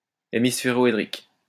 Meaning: hemispheroidal
- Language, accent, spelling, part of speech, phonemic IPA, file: French, France, hémisphéroédrique, adjective, /e.mis.fe.ʁɔ.e.dʁik/, LL-Q150 (fra)-hémisphéroédrique.wav